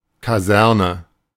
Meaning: barracks
- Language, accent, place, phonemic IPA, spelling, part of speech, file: German, Germany, Berlin, /kaˈzɛɐ̯nə/, Kaserne, noun, De-Kaserne.ogg